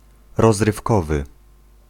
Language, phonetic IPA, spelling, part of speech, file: Polish, [ˌrɔzrɨfˈkɔvɨ], rozrywkowy, adjective, Pl-rozrywkowy.ogg